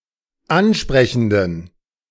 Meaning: inflection of ansprechend: 1. strong genitive masculine/neuter singular 2. weak/mixed genitive/dative all-gender singular 3. strong/weak/mixed accusative masculine singular 4. strong dative plural
- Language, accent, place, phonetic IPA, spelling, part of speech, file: German, Germany, Berlin, [ˈanˌʃpʁɛçn̩dən], ansprechenden, adjective, De-ansprechenden.ogg